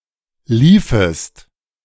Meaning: second-person singular subjunctive II of laufen
- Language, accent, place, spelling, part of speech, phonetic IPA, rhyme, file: German, Germany, Berlin, liefest, verb, [ˈliːfəst], -iːfəst, De-liefest.ogg